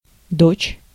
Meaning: daughter
- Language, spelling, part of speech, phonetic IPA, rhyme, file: Russian, дочь, noun, [dot͡ɕ], -ot͡ɕ, Ru-дочь.ogg